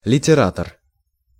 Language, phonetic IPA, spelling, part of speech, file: Russian, [lʲɪtʲɪˈratər], литератор, noun, Ru-литератор.ogg
- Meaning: literary man, man of letters, writer, litterateur